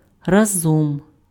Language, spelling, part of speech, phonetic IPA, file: Ukrainian, разом, adverb, [ˈrazɔm], Uk-разом.ogg
- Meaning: 1. together 2. at the same time, simultaneously 3. suddenly, all of a sudden 4. wholly, completely, at one time 5. total